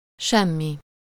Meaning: nothing
- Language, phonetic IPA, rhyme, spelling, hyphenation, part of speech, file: Hungarian, [ˈʃɛmːi], -mi, semmi, sem‧mi, pronoun, Hu-semmi.ogg